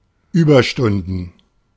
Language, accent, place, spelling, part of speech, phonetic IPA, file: German, Germany, Berlin, Überstunden, noun, [ˈyːbɐʃtʊndn̩], De-Überstunden.ogg
- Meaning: plural of Überstunde